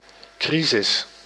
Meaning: 1. crisis 2. financial crisis
- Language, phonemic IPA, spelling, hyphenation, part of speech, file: Dutch, /ˈkri.zɪs/, crisis, cri‧sis, noun, Nl-crisis.ogg